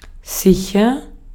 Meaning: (adjective) 1. safe, secure (not dangerous or in danger) 2. sure, certain (convinced); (adverb) 1. safely 2. surely, certainly; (verb) inflection of sichern: first-person singular present
- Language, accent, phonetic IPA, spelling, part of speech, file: German, Austria, [ˈsiçɐ], sicher, adjective / adverb / verb, De-at-sicher.ogg